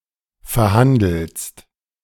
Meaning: second-person singular present of verhandeln
- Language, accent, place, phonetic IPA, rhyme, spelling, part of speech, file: German, Germany, Berlin, [fɛɐ̯ˈhandl̩st], -andl̩st, verhandelst, verb, De-verhandelst.ogg